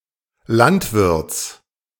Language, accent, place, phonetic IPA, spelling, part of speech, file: German, Germany, Berlin, [ˈlantˌvɪʁt͡s], Landwirts, noun, De-Landwirts.ogg
- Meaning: genitive singular of Landwirt